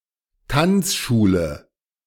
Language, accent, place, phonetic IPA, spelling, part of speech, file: German, Germany, Berlin, [ˈtant͡sˌʃuːlə], Tanzschule, noun, De-Tanzschule.ogg
- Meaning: dance school